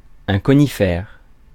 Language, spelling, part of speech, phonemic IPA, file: French, conifère, adjective / noun, /kɔ.ni.fɛʁ/, Fr-conifère.ogg
- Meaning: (adjective) coniferous; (noun) conifer (plant)